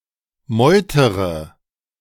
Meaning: inflection of meutern: 1. first-person singular present 2. first/third-person singular subjunctive I 3. singular imperative
- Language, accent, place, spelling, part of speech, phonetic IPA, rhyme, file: German, Germany, Berlin, meutere, verb, [ˈmɔɪ̯təʁə], -ɔɪ̯təʁə, De-meutere.ogg